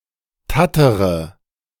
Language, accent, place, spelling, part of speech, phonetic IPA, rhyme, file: German, Germany, Berlin, tattere, verb, [ˈtatəʁə], -atəʁə, De-tattere.ogg
- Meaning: inflection of tattern: 1. first-person singular present 2. first-person plural subjunctive I 3. third-person singular subjunctive I 4. singular imperative